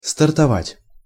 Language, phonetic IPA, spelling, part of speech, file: Russian, [stərtɐˈvatʲ], стартовать, verb, Ru-стартовать.ogg
- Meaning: 1. to take off, to launch 2. to start